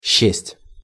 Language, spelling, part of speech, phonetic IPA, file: Russian, счесть, verb, [ɕːesʲtʲ], Ru-счесть.ogg
- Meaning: to compute, to count, to reckon